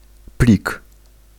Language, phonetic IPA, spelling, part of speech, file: Polish, [plʲik], plik, noun, Pl-plik.ogg